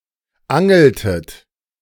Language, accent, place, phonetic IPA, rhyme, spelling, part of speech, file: German, Germany, Berlin, [ˈaŋl̩tət], -aŋl̩tət, angeltet, verb, De-angeltet.ogg
- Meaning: inflection of angeln: 1. second-person plural preterite 2. second-person plural subjunctive II